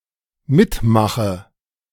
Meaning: inflection of mitmachen: 1. first-person singular dependent present 2. first/third-person singular dependent subjunctive I
- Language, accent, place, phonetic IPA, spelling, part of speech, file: German, Germany, Berlin, [ˈmɪtˌmaxə], mitmache, verb, De-mitmache.ogg